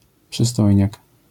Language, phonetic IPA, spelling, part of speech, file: Polish, [pʃɨˈstɔjɲak], przystojniak, noun, LL-Q809 (pol)-przystojniak.wav